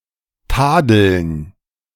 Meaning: 1. dative plural of Tadel 2. gerund of tadeln
- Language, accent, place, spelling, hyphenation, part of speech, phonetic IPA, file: German, Germany, Berlin, Tadeln, Ta‧deln, noun, [ˈtaːdl̩n], De-Tadeln.ogg